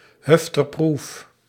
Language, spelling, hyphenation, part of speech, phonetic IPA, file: Dutch, hufterproof, huf‧ter‧proof, adjective, [ˌɦʏf.tərˈpɹu(ː)f], Nl-hufterproof.ogg
- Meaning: being capable of withstanding vandalism and general antisocial behaviour; vandal-proof